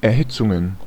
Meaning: plural of Erhitzung
- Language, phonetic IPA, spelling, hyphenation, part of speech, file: German, [ɛɐ̯ˈhɪt͡sʊŋən], Erhitzungen, Er‧hit‧zun‧gen, noun, De-Erhitzungen.ogg